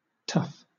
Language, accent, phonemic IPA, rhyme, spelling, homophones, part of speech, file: English, Southern England, /tʌf/, -ʌf, tuff, tough / Tuff, noun / adjective, LL-Q1860 (eng)-tuff.wav
- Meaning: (noun) A light porous rock, now especially a rock composed of compacted volcanic ash varying in size from fine sand to coarse gravel; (adjective) Eye dialect spelling of tough